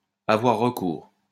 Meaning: to have recourse, to resort, to turn
- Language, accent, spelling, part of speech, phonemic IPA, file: French, France, avoir recours, verb, /a.vwaʁ ʁə.kuʁ/, LL-Q150 (fra)-avoir recours.wav